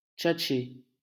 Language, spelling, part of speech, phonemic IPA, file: French, tchatcher, verb, /tʃat.ʃe/, LL-Q150 (fra)-tchatcher.wav
- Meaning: to chat